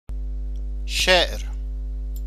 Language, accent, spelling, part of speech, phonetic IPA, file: Persian, Iran, شعر, noun, [ʃeʔɹ], Fa-شعر.ogg
- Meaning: 1. poem 2. poetry